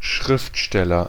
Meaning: author, writer
- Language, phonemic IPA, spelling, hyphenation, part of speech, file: German, /ˈʃʁɪftˌʃtɛlɐ/, Schriftsteller, Schrift‧stel‧ler, noun, De-Schriftsteller.ogg